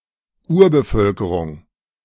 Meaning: indigenous population, aboriginal population, native people
- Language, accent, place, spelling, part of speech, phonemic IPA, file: German, Germany, Berlin, Urbevölkerung, noun, /ˈuːɐ̯bəˌfœlkəʁʊŋ/, De-Urbevölkerung.ogg